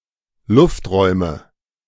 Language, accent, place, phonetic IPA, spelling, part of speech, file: German, Germany, Berlin, [ˈlʊftˌʁɔɪ̯mə], Lufträume, noun, De-Lufträume.ogg
- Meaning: nominative/accusative/genitive plural of Luftraum